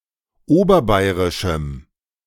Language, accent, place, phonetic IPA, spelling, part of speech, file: German, Germany, Berlin, [ˈoːbɐˌbaɪ̯ʁɪʃm̩], oberbayerischem, adjective, De-oberbayerischem.ogg
- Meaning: strong dative masculine/neuter singular of oberbayerisch